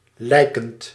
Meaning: present participle of lijken
- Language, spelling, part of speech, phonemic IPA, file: Dutch, lijkend, verb, /ˈlɛikənt/, Nl-lijkend.ogg